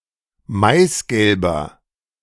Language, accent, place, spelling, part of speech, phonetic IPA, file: German, Germany, Berlin, maisgelber, adjective, [ˈmaɪ̯sˌɡɛlbɐ], De-maisgelber.ogg
- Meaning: inflection of maisgelb: 1. strong/mixed nominative masculine singular 2. strong genitive/dative feminine singular 3. strong genitive plural